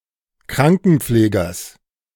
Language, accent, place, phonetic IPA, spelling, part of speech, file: German, Germany, Berlin, [ˈkʁaŋkn̩ˌp͡fleːɡɐs], Krankenpflegers, noun, De-Krankenpflegers.ogg
- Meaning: genitive singular of Krankenpfleger